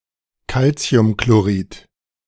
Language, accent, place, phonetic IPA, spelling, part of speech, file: German, Germany, Berlin, [ˈkalt͡si̯ʊmkloˌʁiːt], Calciumchlorid, noun, De-Calciumchlorid.ogg
- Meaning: calcium chloride